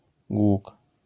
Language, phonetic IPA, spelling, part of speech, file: Polish, [ɡwuk], głóg, noun, LL-Q809 (pol)-głóg.wav